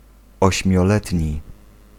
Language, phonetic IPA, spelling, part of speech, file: Polish, [ˌɔɕmʲjɔˈlɛtʲɲi], ośmioletni, adjective, Pl-ośmioletni.ogg